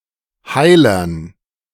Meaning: dative plural of Heiler
- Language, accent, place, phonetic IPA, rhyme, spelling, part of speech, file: German, Germany, Berlin, [ˈhaɪ̯lɐn], -aɪ̯lɐn, Heilern, noun, De-Heilern.ogg